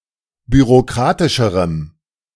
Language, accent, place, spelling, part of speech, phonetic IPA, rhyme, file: German, Germany, Berlin, bürokratischerem, adjective, [byʁoˈkʁaːtɪʃəʁəm], -aːtɪʃəʁəm, De-bürokratischerem.ogg
- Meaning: strong dative masculine/neuter singular comparative degree of bürokratisch